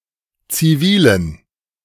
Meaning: inflection of zivil: 1. strong genitive masculine/neuter singular 2. weak/mixed genitive/dative all-gender singular 3. strong/weak/mixed accusative masculine singular 4. strong dative plural
- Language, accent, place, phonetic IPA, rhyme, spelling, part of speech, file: German, Germany, Berlin, [t͡siˈviːlən], -iːlən, zivilen, adjective, De-zivilen.ogg